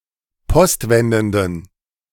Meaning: inflection of postwendend: 1. strong genitive masculine/neuter singular 2. weak/mixed genitive/dative all-gender singular 3. strong/weak/mixed accusative masculine singular 4. strong dative plural
- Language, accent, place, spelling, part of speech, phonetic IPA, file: German, Germany, Berlin, postwendenden, adjective, [ˈpɔstˌvɛndn̩dən], De-postwendenden.ogg